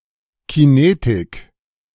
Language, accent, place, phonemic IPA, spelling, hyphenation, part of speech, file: German, Germany, Berlin, /kiˈneːtɪk/, Kinetik, Ki‧ne‧tik, noun, De-Kinetik.ogg
- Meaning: 1. kinetics 2. motion